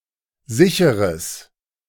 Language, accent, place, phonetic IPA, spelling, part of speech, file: German, Germany, Berlin, [ˈzɪçəʁəs], sicheres, adjective, De-sicheres.ogg
- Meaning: strong/mixed nominative/accusative neuter singular of sicher